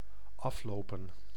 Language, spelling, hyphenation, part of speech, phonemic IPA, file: Dutch, aflopen, af‧lo‧pen, verb, /ˈɑfloːpə(n)/, Nl-aflopen.ogg
- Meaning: 1. to walk down 2. to incline 3. to expire 4. to end, to come to an end